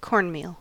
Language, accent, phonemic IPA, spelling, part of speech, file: English, US, /ˈkɔɹnˌmil/, cornmeal, noun, En-us-cornmeal.ogg
- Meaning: 1. Dried corn (maize) milled (ground) to a meal, especially a coarse one 2. Any cereal grain meal or flour